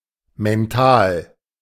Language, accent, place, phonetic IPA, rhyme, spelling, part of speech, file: German, Germany, Berlin, [mɛnˈtaːl], -aːl, mental, adjective, De-mental.ogg
- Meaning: mental